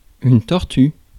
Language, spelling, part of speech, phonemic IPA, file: French, tortue, noun, /tɔʁ.ty/, Fr-tortue.ogg
- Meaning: turtle or tortoise